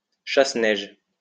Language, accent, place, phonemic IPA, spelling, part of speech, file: French, France, Lyon, /ʃas.nɛʒ/, chasse-neige, noun, LL-Q150 (fra)-chasse-neige.wav
- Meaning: snow plow (US), snow plough (UK) (machine for moving snow)